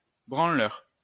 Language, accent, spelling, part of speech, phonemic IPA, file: French, France, branleur, noun, /bʁɑ̃.lœʁ/, LL-Q150 (fra)-branleur.wav
- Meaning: wanker